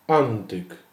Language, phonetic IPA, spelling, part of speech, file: Polish, [ˈãntɨk], antyk, noun, Pl-antyk.ogg